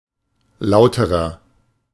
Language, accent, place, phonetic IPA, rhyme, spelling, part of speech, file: German, Germany, Berlin, [ˈlaʊ̯təʁɐ], -aʊ̯təʁɐ, lauterer, adjective, De-lauterer.ogg
- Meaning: inflection of laut: 1. strong/mixed nominative masculine singular comparative degree 2. strong genitive/dative feminine singular comparative degree 3. strong genitive plural comparative degree